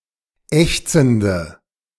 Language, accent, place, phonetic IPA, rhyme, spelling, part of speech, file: German, Germany, Berlin, [ˈɛçt͡sn̩də], -ɛçt͡sn̩də, ächzende, adjective, De-ächzende.ogg
- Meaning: inflection of ächzend: 1. strong/mixed nominative/accusative feminine singular 2. strong nominative/accusative plural 3. weak nominative all-gender singular 4. weak accusative feminine/neuter singular